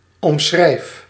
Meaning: inflection of omschrijven: 1. first-person singular present indicative 2. second-person singular present indicative 3. imperative
- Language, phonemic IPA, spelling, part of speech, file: Dutch, /ɔmˈsxrɛi̯f/, omschrijf, verb, Nl-omschrijf.ogg